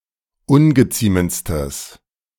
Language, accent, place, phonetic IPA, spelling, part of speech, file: German, Germany, Berlin, [ˈʊnɡəˌt͡siːmənt͡stəs], ungeziemendstes, adjective, De-ungeziemendstes.ogg
- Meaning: strong/mixed nominative/accusative neuter singular superlative degree of ungeziemend